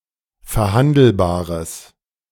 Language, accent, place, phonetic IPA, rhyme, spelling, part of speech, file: German, Germany, Berlin, [fɛɐ̯ˈhandl̩baːʁəs], -andl̩baːʁəs, verhandelbares, adjective, De-verhandelbares.ogg
- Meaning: strong/mixed nominative/accusative neuter singular of verhandelbar